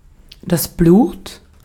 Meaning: blood
- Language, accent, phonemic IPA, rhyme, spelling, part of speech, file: German, Austria, /bluːt/, -uːt, Blut, noun, De-at-Blut.ogg